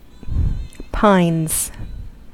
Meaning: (noun) plural of pine; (verb) third-person singular simple present indicative of pine
- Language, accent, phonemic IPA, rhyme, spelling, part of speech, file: English, US, /paɪnz/, -aɪnz, pines, noun / verb, En-us-pines.ogg